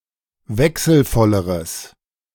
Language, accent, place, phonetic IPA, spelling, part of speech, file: German, Germany, Berlin, [ˈvɛksl̩ˌfɔləʁəs], wechselvolleres, adjective, De-wechselvolleres.ogg
- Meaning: strong/mixed nominative/accusative neuter singular comparative degree of wechselvoll